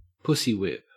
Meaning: To dominate a male partner, especially by sexual politics
- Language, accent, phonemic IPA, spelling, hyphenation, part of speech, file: English, Australia, /ˈpʊsiˌ(h)wɪp/, pussywhip, pussy‧whip, verb, En-au-pussywhip.ogg